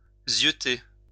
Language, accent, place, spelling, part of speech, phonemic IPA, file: French, France, Lyon, zyeuter, verb, /zjø.te/, LL-Q150 (fra)-zyeuter.wav
- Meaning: to eye; to ogle (to watch); to squint at